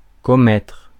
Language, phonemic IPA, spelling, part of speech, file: French, /kɔ.mɛtʁ/, commettre, verb, Fr-commettre.ogg
- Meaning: to commit